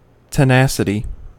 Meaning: The quality or state of being tenacious, or persistence of purpose; tenaciousness
- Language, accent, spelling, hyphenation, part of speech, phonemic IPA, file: English, US, tenacity, te‧na‧ci‧ty, noun, /təˈnæsəti/, En-us-tenacity.ogg